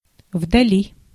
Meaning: in the distance, afar (at a great distance)
- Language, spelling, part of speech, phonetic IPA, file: Russian, вдали, adverb, [vdɐˈlʲi], Ru-вдали.ogg